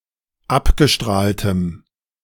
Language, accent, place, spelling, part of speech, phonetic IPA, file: German, Germany, Berlin, abgestrahltem, adjective, [ˈapɡəˌʃtʁaːltəm], De-abgestrahltem.ogg
- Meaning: strong dative masculine/neuter singular of abgestrahlt